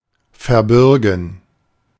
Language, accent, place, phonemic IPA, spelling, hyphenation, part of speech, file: German, Germany, Berlin, /fɛɐ̯ˈbʏʁɡn̩/, verbürgen, ver‧bür‧gen, verb, De-verbürgen.ogg
- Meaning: to guarantee